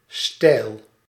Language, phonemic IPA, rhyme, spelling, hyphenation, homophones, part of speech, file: Dutch, /stɛi̯l/, -ɛi̯l, stijl, stijl, steil / Steyl, noun, Nl-stijl.ogg
- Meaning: 1. style, fashion 2. style of a pistil 3. a bar on a metal fence 4. the vertical part of the metal or concrete support frame that surrounds a window or a door